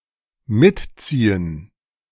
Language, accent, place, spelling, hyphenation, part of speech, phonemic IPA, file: German, Germany, Berlin, mitziehen, mit‧zie‧hen, verb, /ˈmɪtˌt͡siːən/, De-mitziehen.ogg
- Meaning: 1. to keep pace, keep up 2. to tag along